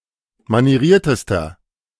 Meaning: inflection of manieriert: 1. strong/mixed nominative masculine singular superlative degree 2. strong genitive/dative feminine singular superlative degree 3. strong genitive plural superlative degree
- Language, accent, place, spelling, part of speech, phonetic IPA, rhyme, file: German, Germany, Berlin, manieriertester, adjective, [maniˈʁiːɐ̯təstɐ], -iːɐ̯təstɐ, De-manieriertester.ogg